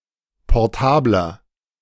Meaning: 1. comparative degree of portabel 2. inflection of portabel: strong/mixed nominative masculine singular 3. inflection of portabel: strong genitive/dative feminine singular
- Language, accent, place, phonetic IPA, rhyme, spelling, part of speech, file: German, Germany, Berlin, [pɔʁˈtaːblɐ], -aːblɐ, portabler, adjective, De-portabler.ogg